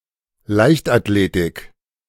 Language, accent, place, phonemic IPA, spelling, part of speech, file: German, Germany, Berlin, /ˈlaɪ̯çt.atˌleːtɪk/, Leichtathletik, noun, De-Leichtathletik.ogg
- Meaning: track and field